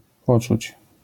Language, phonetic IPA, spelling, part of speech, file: Polish, [ˈpɔt͡ʃut͡ɕ], poczuć, verb, LL-Q809 (pol)-poczuć.wav